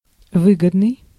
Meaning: 1. profitable, paying, remunerative 2. advantageous, favorable
- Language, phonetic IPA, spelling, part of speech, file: Russian, [ˈvɨɡədnɨj], выгодный, adjective, Ru-выгодный.ogg